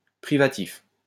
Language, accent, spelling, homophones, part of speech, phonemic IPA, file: French, France, privatif, privatifs, adjective, /pʁi.va.tif/, LL-Q150 (fra)-privatif.wav
- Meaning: privative (all senses)